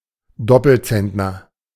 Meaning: two Zentner (metric hundredweight); quintal (200 pounds or 100 kg)
- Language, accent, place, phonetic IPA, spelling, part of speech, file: German, Germany, Berlin, [ˈdɔpl̩ˌt͡sɛntnɐ], Doppelzentner, noun, De-Doppelzentner.ogg